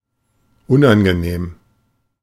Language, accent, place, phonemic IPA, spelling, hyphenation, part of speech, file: German, Germany, Berlin, /ˈʊn.anɡəˌneːm/, unangenehm, un‧an‧ge‧nehm, adjective / adverb, De-unangenehm.ogg
- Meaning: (adjective) unpleasant; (adverb) unpleasantly